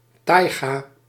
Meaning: taiga (subarctic evergreen coniferous forest)
- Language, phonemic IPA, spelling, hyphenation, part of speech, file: Dutch, /ˈtɑi̯.ɡaː/, taiga, tai‧ga, noun, Nl-taiga.ogg